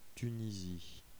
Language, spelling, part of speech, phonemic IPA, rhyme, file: French, Tunisie, proper noun, /ty.ni.zi/, -i, Fr-Tunisie.ogg
- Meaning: Tunisia (a country in North Africa)